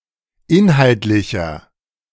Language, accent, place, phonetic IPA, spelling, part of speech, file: German, Germany, Berlin, [ˈɪnhaltlɪçɐ], inhaltlicher, adjective, De-inhaltlicher.ogg
- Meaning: inflection of inhaltlich: 1. strong/mixed nominative masculine singular 2. strong genitive/dative feminine singular 3. strong genitive plural